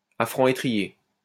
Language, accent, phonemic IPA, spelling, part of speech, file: French, France, /a fʁɑ̃ e.tʁi.je/, à franc étrier, adverb, LL-Q150 (fra)-à franc étrier.wav
- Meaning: at full speed, hell-for-leather, flat out